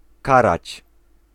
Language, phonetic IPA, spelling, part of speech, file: Polish, [ˈkarat͡ɕ], karać, verb, Pl-karać.ogg